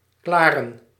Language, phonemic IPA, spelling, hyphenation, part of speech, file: Dutch, /ˈklaː.rə(n)/, klaren, kla‧ren, verb, Nl-klaren.ogg
- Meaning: to finish, to complete, to get (something) done